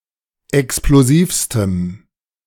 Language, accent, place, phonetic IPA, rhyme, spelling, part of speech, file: German, Germany, Berlin, [ɛksploˈziːfstəm], -iːfstəm, explosivstem, adjective, De-explosivstem.ogg
- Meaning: strong dative masculine/neuter singular superlative degree of explosiv